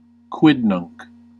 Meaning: A person eager to learn news and scandal
- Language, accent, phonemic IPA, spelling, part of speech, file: English, US, /ˈkwɪdˌnʌŋk/, quidnunc, noun, En-us-quidnunc.ogg